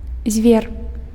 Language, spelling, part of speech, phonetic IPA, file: Belarusian, звер, noun, [zʲvʲer], Be-звер.ogg
- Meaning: 1. beast, wild animal 2. brute